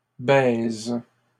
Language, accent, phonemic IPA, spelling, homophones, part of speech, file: French, Canada, /bɛz/, baises, baise / baisent, noun / verb, LL-Q150 (fra)-baises.wav
- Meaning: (noun) plural of baise; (verb) second-person singular present indicative/subjunctive of baiser